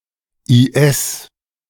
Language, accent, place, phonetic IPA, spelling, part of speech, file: German, Germany, Berlin, [iːˈʔɛs], IS, abbreviation, De-IS.ogg
- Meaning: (proper noun) abbreviation of Islamischer Staat (“Islamic State, IS”); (noun) abbreviation of Intensivstation (“intensive care unit, ICU”)